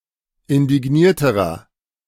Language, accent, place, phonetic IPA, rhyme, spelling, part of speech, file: German, Germany, Berlin, [ɪndɪˈɡniːɐ̯təʁɐ], -iːɐ̯təʁɐ, indignierterer, adjective, De-indignierterer.ogg
- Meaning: inflection of indigniert: 1. strong/mixed nominative masculine singular comparative degree 2. strong genitive/dative feminine singular comparative degree 3. strong genitive plural comparative degree